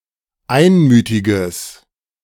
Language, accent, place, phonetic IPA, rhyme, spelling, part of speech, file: German, Germany, Berlin, [ˈaɪ̯nˌmyːtɪɡəs], -aɪ̯nmyːtɪɡəs, einmütiges, adjective, De-einmütiges.ogg
- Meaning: strong/mixed nominative/accusative neuter singular of einmütig